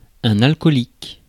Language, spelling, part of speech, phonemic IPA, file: French, alcoolique, adjective / noun, /al.kɔ.lik/, Fr-alcoolique.ogg
- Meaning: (adjective) 1. alcohol; alcoholic 2. addicted to alcohol; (noun) alcoholic (a person addicted to alcohol)